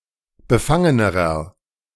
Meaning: inflection of befangen: 1. strong/mixed nominative masculine singular comparative degree 2. strong genitive/dative feminine singular comparative degree 3. strong genitive plural comparative degree
- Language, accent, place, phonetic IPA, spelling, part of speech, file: German, Germany, Berlin, [bəˈfaŋənəʁɐ], befangenerer, adjective, De-befangenerer.ogg